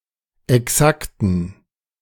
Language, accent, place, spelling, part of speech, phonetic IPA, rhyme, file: German, Germany, Berlin, exakten, adjective, [ɛˈksaktn̩], -aktn̩, De-exakten.ogg
- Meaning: inflection of exakt: 1. strong genitive masculine/neuter singular 2. weak/mixed genitive/dative all-gender singular 3. strong/weak/mixed accusative masculine singular 4. strong dative plural